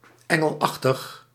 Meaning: angelic
- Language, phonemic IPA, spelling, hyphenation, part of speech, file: Dutch, /ˈɛŋəlˌɑxtəx/, engelachtig, en‧gel‧ach‧tig, adjective, Nl-engelachtig.ogg